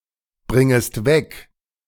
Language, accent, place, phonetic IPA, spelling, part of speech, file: German, Germany, Berlin, [ˌbʁɪŋəst ˈvɛk], bringest weg, verb, De-bringest weg.ogg
- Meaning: second-person singular subjunctive I of wegbringen